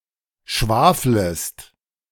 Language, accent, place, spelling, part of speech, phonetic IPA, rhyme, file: German, Germany, Berlin, schwaflest, verb, [ˈʃvaːfləst], -aːfləst, De-schwaflest.ogg
- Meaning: second-person singular subjunctive I of schwafeln